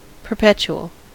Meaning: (adjective) 1. Lasting forever, or for an indefinitely long time 2. Set up to be in effect or have tenure for an unlimited duration 3. Continuing; uninterrupted
- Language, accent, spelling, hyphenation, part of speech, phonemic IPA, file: English, US, perpetual, per‧pet‧u‧al, adjective / noun, /pɚˈpɛt͡ʃuəl/, En-us-perpetual.ogg